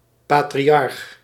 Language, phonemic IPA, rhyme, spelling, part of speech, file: Dutch, /ˌpaː.triˈɑrx/, -ɑrx, patriarch, noun, Nl-patriarch.ogg
- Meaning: patriarch